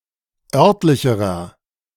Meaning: inflection of örtlich: 1. strong/mixed nominative masculine singular comparative degree 2. strong genitive/dative feminine singular comparative degree 3. strong genitive plural comparative degree
- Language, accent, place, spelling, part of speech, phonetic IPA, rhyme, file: German, Germany, Berlin, örtlicherer, adjective, [ˈœʁtlɪçəʁɐ], -œʁtlɪçəʁɐ, De-örtlicherer.ogg